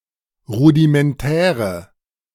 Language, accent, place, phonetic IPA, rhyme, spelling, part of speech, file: German, Germany, Berlin, [ˌʁudimɛnˈtɛːʁə], -ɛːʁə, rudimentäre, adjective, De-rudimentäre.ogg
- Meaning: inflection of rudimentär: 1. strong/mixed nominative/accusative feminine singular 2. strong nominative/accusative plural 3. weak nominative all-gender singular